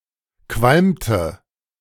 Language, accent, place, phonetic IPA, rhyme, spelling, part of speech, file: German, Germany, Berlin, [ˈkvalmtə], -almtə, qualmte, verb, De-qualmte.ogg
- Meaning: inflection of qualmen: 1. first/third-person singular preterite 2. first/third-person singular subjunctive II